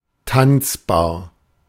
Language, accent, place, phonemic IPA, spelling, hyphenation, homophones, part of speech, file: German, Germany, Berlin, /ˈtant͡sbaːɐ̯/, tanzbar, tanz‧bar, Tanzbar, adjective, De-tanzbar.ogg
- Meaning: danceable